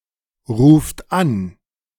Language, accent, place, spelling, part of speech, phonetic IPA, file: German, Germany, Berlin, ruft an, verb, [ˌʁuːft ˈan], De-ruft an.ogg
- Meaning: inflection of anrufen: 1. third-person singular present 2. second-person plural present 3. plural imperative